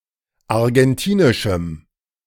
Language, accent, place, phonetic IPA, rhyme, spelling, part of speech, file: German, Germany, Berlin, [aʁɡɛnˈtiːnɪʃm̩], -iːnɪʃm̩, argentinischem, adjective, De-argentinischem.ogg
- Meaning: strong dative masculine/neuter singular of argentinisch